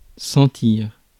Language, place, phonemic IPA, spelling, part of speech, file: French, Paris, /sɑ̃.tiʁ/, sentir, verb, Fr-sentir.ogg
- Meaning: 1. to smell (to have a certain odor) 2. to taste 3. to feel (physical perception) 4. to smell of, taste of 5. to smack of; to indicate, foreshadow